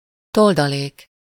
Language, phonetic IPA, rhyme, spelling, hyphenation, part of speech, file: Hungarian, [ˈtoldɒleːk], -eːk, toldalék, tol‧da‧lék, noun, Hu-toldalék.ogg
- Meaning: 1. addition (anything that is added) 2. affix, suffix, termination 3. appendix, postscript (a text added to the end of a book or an article, containing additional information)